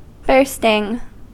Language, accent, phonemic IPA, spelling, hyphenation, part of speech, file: English, US, /ˈbɝstɪŋ/, bursting, burst‧ing, adjective / verb / noun, En-us-bursting.ogg
- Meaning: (adjective) 1. Very eager (to do something) 2. Urgently needing to urinate 3. So full (with something) as almost to erupt; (verb) present participle and gerund of burst